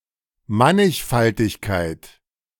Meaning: 1. diversity 2. manifold (topological space)
- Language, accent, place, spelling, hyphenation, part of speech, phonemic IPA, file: German, Germany, Berlin, Mannigfaltigkeit, Man‧nig‧fal‧tig‧keit, noun, /ˈmanɪçfaltɪçkaɪ̯t/, De-Mannigfaltigkeit.ogg